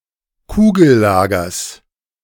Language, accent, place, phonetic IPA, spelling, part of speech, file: German, Germany, Berlin, [ˈkuːɡl̩ˌlaːɡɐs], Kugellagers, noun, De-Kugellagers.ogg
- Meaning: genitive singular of Kugellager